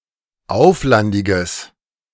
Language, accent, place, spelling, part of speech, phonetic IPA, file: German, Germany, Berlin, auflandiges, adjective, [ˈaʊ̯flandɪɡəs], De-auflandiges.ogg
- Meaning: strong/mixed nominative/accusative neuter singular of auflandig